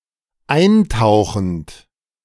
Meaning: present participle of eintauchen
- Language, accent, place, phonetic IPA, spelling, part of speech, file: German, Germany, Berlin, [ˈaɪ̯nˌtaʊ̯xn̩t], eintauchend, verb, De-eintauchend.ogg